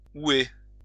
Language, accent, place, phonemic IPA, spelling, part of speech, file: French, France, Lyon, /u.e/, houer, verb, LL-Q150 (fra)-houer.wav
- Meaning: to hoe